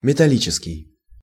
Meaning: metal; metallic
- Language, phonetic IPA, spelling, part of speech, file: Russian, [mʲɪtɐˈlʲit͡ɕɪskʲɪj], металлический, adjective, Ru-металлический.ogg